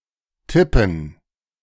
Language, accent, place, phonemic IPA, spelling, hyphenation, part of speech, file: German, Germany, Berlin, /ˈtɪpən/, tippen, tip‧pen, verb, De-tippen.ogg
- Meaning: 1. to tap, to strike lightly (often repeatedly) 2. to type (on a typewriter or keyboard) 3. to make an informed guess 4. to make a prediction (of a sport result, etc.)